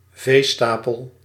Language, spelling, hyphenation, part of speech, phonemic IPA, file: Dutch, veestapel, vee‧sta‧pel, noun, /ˈveːˌstaː.pəl/, Nl-veestapel.ogg
- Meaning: 1. livestock population, livestock (total amount of livestock of a business, region or country) 2. cattle population